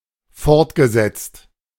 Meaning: past participle of fortsetzen
- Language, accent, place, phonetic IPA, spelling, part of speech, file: German, Germany, Berlin, [ˈfɔʁtɡəˌzɛt͡st], fortgesetzt, verb, De-fortgesetzt.ogg